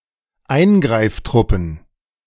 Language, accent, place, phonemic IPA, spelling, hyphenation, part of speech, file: German, Germany, Berlin, /ˈˈaɪ̯nɡʁaɪ̯fˌtʀʊpn̩/, Eingreiftruppen, Ein‧greif‧trup‧pen, noun, De-Eingreiftruppen.ogg
- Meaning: plural of Eingreiftruppe